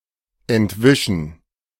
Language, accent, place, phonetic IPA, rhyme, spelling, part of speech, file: German, Germany, Berlin, [ɛntˈvɪʃn̩], -ɪʃn̩, entwischen, verb, De-entwischen.ogg
- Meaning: to escape